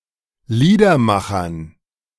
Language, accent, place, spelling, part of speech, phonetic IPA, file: German, Germany, Berlin, Liedermachern, noun, [ˈliːdɐˌmaxɐn], De-Liedermachern.ogg
- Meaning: dative plural of Liedermacher